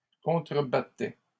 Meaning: first/second-person singular imperfect indicative of contrebattre
- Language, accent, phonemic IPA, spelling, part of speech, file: French, Canada, /kɔ̃.tʁə.ba.tɛ/, contrebattais, verb, LL-Q150 (fra)-contrebattais.wav